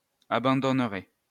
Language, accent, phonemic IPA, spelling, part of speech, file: French, France, /a.bɑ̃.dɔn.ʁe/, abandonnerai, verb, LL-Q150 (fra)-abandonnerai.wav
- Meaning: first-person singular future of abandonner